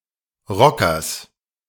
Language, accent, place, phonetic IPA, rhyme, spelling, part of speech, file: German, Germany, Berlin, [ˈʁɔkɐs], -ɔkɐs, Rockers, noun, De-Rockers.ogg
- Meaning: genitive singular of Rocker